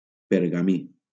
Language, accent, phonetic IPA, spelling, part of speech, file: Catalan, Valencia, [peɾ.ɣaˈmi], pergamí, noun, LL-Q7026 (cat)-pergamí.wav
- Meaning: parchment